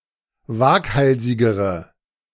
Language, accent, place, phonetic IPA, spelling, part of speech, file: German, Germany, Berlin, [ˈvaːkˌhalzɪɡəʁə], waghalsigere, adjective, De-waghalsigere.ogg
- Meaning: inflection of waghalsig: 1. strong/mixed nominative/accusative feminine singular comparative degree 2. strong nominative/accusative plural comparative degree